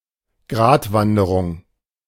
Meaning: 1. ridgewalk, a tour along mountain ridges 2. balancing act, tightrope walk (situation where one needs to keep the middle ground between two extremes)
- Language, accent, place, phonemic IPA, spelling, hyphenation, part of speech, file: German, Germany, Berlin, /ˈɡʁaːtˌvandəʁʊŋ/, Gratwanderung, Grat‧wan‧de‧rung, noun, De-Gratwanderung.ogg